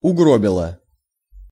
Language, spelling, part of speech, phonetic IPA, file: Russian, угробила, verb, [ʊˈɡrobʲɪɫə], Ru-угробила.ogg
- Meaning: feminine singular past indicative perfective of угро́бить (ugróbitʹ)